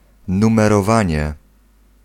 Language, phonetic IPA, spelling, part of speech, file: Polish, [ˌnũmɛrɔˈvãɲɛ], numerowanie, noun, Pl-numerowanie.ogg